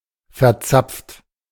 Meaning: 1. past participle of verzapfen 2. inflection of verzapfen: second-person plural present 3. inflection of verzapfen: third-person singular present 4. inflection of verzapfen: plural imperative
- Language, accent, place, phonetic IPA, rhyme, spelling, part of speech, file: German, Germany, Berlin, [fɛɐ̯ˈt͡sap͡ft], -ap͡ft, verzapft, verb, De-verzapft.ogg